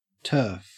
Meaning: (noun) 1. A layer of earth covered with grass; sod 2. A piece of such a layer cut from the soil. May be used as sod to make a lawn, dried for peat, stacked to form earthen structures, etc
- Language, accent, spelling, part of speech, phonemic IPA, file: English, Australia, turf, noun / verb, /tɜːf/, En-au-turf.ogg